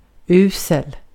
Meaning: terribly bad, awfully bad
- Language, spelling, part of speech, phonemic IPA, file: Swedish, usel, adjective, /ˈʉːsɛl/, Sv-usel.ogg